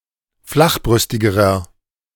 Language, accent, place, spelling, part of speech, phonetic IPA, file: German, Germany, Berlin, flachbrüstigerer, adjective, [ˈflaxˌbʁʏstɪɡəʁɐ], De-flachbrüstigerer.ogg
- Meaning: inflection of flachbrüstig: 1. strong/mixed nominative masculine singular comparative degree 2. strong genitive/dative feminine singular comparative degree 3. strong genitive plural comparative degree